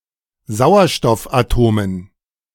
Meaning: dative plural of Sauerstoffatom
- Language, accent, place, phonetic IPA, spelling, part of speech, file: German, Germany, Berlin, [ˈzaʊ̯ɐʃtɔfʔaˌtoːmən], Sauerstoffatomen, noun, De-Sauerstoffatomen.ogg